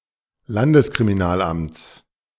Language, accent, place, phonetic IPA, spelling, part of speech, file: German, Germany, Berlin, [ˈlandəskʁimiˌnaːlʔamt͡s], Landeskriminalamts, noun, De-Landeskriminalamts.ogg
- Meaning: genitive singular of Landeskriminalamt